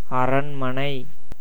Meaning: castle, palace
- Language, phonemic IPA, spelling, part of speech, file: Tamil, /ɐɾɐɳmɐnɐɪ̯/, அரண்மனை, noun, Ta-அரண்மனை.ogg